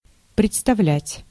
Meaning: 1. to present, to offer 2. to produce, to show 3. to introduce, to present 4. to imagine, to picture, to fancy, to conceive 5. to perform, to act
- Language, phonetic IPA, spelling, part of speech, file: Russian, [prʲɪt͡stɐˈvlʲætʲ], представлять, verb, Ru-представлять.ogg